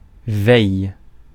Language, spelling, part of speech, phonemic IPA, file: French, veille, noun, /vɛj/, Fr-veille.ogg
- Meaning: 1. the day before, the eve 2. the era or while before something; eve 3. wakefulness 4. watch, vigil 5. standby